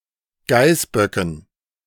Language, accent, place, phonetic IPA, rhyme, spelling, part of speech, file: German, Germany, Berlin, [ˈɡaɪ̯sˌbœkn̩], -aɪ̯sbœkn̩, Geißböcken, noun, De-Geißböcken.ogg
- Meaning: dative plural of Geißbock